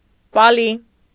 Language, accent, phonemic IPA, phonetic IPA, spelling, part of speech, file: Armenian, Eastern Armenian, /ˈpɑli/, [pɑ́li], պալի, noun, Hy-պալի.ogg
- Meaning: Pali (language)